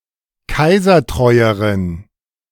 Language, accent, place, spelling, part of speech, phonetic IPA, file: German, Germany, Berlin, kaisertreueren, adjective, [ˈkaɪ̯zɐˌtʁɔɪ̯əʁən], De-kaisertreueren.ogg
- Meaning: inflection of kaisertreu: 1. strong genitive masculine/neuter singular comparative degree 2. weak/mixed genitive/dative all-gender singular comparative degree